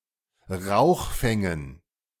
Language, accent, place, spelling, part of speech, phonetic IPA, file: German, Germany, Berlin, Rauchfängen, noun, [ˈʁaʊ̯xˌfɛŋən], De-Rauchfängen.ogg
- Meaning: dative plural of Rauchfang